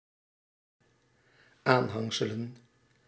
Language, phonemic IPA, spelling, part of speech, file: Dutch, /ˈanhaŋsələ(n)/, aanhangselen, noun, Nl-aanhangselen.ogg
- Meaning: plural of aanhangsel